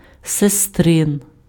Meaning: sister; sister's
- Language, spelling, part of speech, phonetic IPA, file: Ukrainian, сестрин, adjective, [seˈstrɪn], Uk-сестрин.ogg